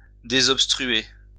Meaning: to deobstruct
- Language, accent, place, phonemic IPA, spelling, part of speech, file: French, France, Lyon, /de.zɔp.stʁy.e/, désobstruer, verb, LL-Q150 (fra)-désobstruer.wav